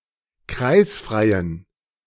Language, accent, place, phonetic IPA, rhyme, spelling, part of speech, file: German, Germany, Berlin, [ˈkʁaɪ̯sfʁaɪ̯ən], -aɪ̯sfʁaɪ̯ən, kreisfreien, adjective, De-kreisfreien.ogg
- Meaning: inflection of kreisfrei: 1. strong genitive masculine/neuter singular 2. weak/mixed genitive/dative all-gender singular 3. strong/weak/mixed accusative masculine singular 4. strong dative plural